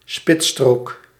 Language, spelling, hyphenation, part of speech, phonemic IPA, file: Dutch, spitsstrook, spits‧strook, noun, /ˈspɪt.stroːk/, Nl-spitsstrook.ogg
- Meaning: a lane or shoulder on a road, esp. a highway, that is open to traffic during rush hour